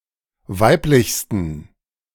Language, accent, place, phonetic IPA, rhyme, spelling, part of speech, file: German, Germany, Berlin, [ˈvaɪ̯plɪçstn̩], -aɪ̯plɪçstn̩, weiblichsten, adjective, De-weiblichsten.ogg
- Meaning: 1. superlative degree of weiblich 2. inflection of weiblich: strong genitive masculine/neuter singular superlative degree